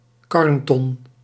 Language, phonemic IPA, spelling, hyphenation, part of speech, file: Dutch, /ˈkɑrnˌtɔn/, karnton, karn‧ton, noun, Nl-karnton.ogg
- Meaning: churn (vessel used for churning)